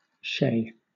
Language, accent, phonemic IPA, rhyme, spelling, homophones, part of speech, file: English, Southern England, /ʃeɪ/, -eɪ, chez, shay / Shea / Shay / Shaye, preposition, LL-Q1860 (eng)-chez.wav
- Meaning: At the home of